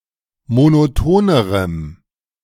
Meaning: strong dative masculine/neuter singular comparative degree of monoton
- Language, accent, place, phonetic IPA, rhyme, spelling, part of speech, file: German, Germany, Berlin, [monoˈtoːnəʁəm], -oːnəʁəm, monotonerem, adjective, De-monotonerem.ogg